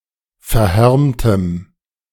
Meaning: strong dative masculine/neuter singular of verhärmt
- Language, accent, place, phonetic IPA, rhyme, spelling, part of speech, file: German, Germany, Berlin, [fɛɐ̯ˈhɛʁmtəm], -ɛʁmtəm, verhärmtem, adjective, De-verhärmtem.ogg